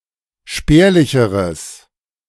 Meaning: strong/mixed nominative/accusative neuter singular comparative degree of spärlich
- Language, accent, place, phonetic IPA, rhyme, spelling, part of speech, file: German, Germany, Berlin, [ˈʃpɛːɐ̯lɪçəʁəs], -ɛːɐ̯lɪçəʁəs, spärlicheres, adjective, De-spärlicheres.ogg